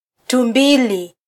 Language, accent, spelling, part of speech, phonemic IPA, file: Swahili, Kenya, tumbili, noun, /tuˈᵐbi.li/, Sw-ke-tumbili.flac
- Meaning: monkey (primate)